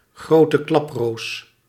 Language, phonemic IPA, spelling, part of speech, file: Dutch, /ˌɣroː.tə ˈklɑp.roːs/, grote klaproos, noun, Nl-grote klaproos.ogg
- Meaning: synonym of gewone klaproos (“common poppy, Papaver rhoeas”)